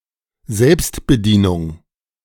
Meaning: self-service
- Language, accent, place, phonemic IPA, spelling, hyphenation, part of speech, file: German, Germany, Berlin, /ˈzɛlpstbəˌdiːnʊŋ/, Selbstbedienung, Selbst‧be‧die‧nung, noun, De-Selbstbedienung.ogg